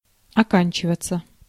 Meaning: 1. to finish, to end, to be over 2. passive of ока́нчивать (okánčivatʹ)
- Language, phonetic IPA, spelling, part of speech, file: Russian, [ɐˈkanʲt͡ɕɪvət͡sə], оканчиваться, verb, Ru-оканчиваться.ogg